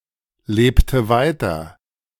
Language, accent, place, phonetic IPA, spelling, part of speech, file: German, Germany, Berlin, [ˌleːptə ˈvaɪ̯tɐ], lebte weiter, verb, De-lebte weiter.ogg
- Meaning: inflection of weiterleben: 1. first/third-person singular preterite 2. first/third-person singular subjunctive II